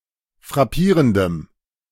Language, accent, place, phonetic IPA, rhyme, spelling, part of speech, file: German, Germany, Berlin, [fʁaˈpiːʁəndəm], -iːʁəndəm, frappierendem, adjective, De-frappierendem.ogg
- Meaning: strong dative masculine/neuter singular of frappierend